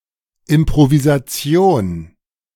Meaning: improvisation
- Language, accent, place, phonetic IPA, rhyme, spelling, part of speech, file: German, Germany, Berlin, [ɪmpʁovizaˈt͡si̯oːn], -oːn, Improvisation, noun, De-Improvisation.ogg